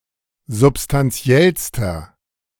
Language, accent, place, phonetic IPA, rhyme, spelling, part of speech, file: German, Germany, Berlin, [zʊpstanˈt͡si̯ɛlstɐ], -ɛlstɐ, substantiellster, adjective, De-substantiellster.ogg
- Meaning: inflection of substantiell: 1. strong/mixed nominative masculine singular superlative degree 2. strong genitive/dative feminine singular superlative degree 3. strong genitive plural superlative degree